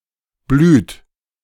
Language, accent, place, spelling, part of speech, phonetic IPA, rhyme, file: German, Germany, Berlin, blüht, verb, [blyːt], -yːt, De-blüht.ogg
- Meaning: inflection of blühen: 1. third-person singular present 2. second-person plural present 3. plural imperative